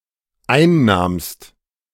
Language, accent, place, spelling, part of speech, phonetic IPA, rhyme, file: German, Germany, Berlin, einnahmst, verb, [ˈaɪ̯nˌnaːmst], -aɪ̯nnaːmst, De-einnahmst.ogg
- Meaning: second-person singular dependent preterite of einnehmen